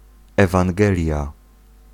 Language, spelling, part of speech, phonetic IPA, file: Polish, ewangelia, noun, [ˌɛvãŋˈɡɛlʲja], Pl-ewangelia.ogg